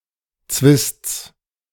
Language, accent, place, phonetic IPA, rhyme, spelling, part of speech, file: German, Germany, Berlin, [t͡svɪst͡s], -ɪst͡s, Zwists, noun, De-Zwists.ogg
- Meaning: genitive of Zwist